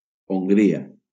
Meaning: Hungary (a country in Central Europe)
- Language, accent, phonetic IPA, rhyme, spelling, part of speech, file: Catalan, Valencia, [oŋˈɡɾi.a], -ia, Hongria, proper noun, LL-Q7026 (cat)-Hongria.wav